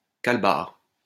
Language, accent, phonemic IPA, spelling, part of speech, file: French, France, /kal.baʁ/, calbar, noun, LL-Q150 (fra)-calbar.wav
- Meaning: underpants